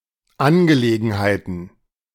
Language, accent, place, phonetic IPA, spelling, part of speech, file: German, Germany, Berlin, [ˈanɡəˌleːɡn̩haɪ̯tn̩], Angelegenheiten, noun, De-Angelegenheiten.ogg
- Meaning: plural of Angelegenheit